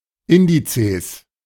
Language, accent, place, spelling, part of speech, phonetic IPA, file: German, Germany, Berlin, Indizes, noun, [ˈɪndit͡seːs], De-Indizes.ogg
- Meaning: plural of Index